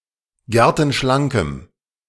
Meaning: strong dative masculine/neuter singular of gertenschlank
- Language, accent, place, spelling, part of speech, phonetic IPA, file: German, Germany, Berlin, gertenschlankem, adjective, [ˈɡɛʁtn̩ˌʃlaŋkəm], De-gertenschlankem.ogg